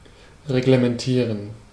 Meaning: to regularize; to regiment
- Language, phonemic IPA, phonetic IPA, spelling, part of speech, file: German, /ʁeɡləmɛnˈtiːʁən/, [ʁeɡləmɛnˈtʰiːɐ̯n], reglementieren, verb, De-reglementieren.ogg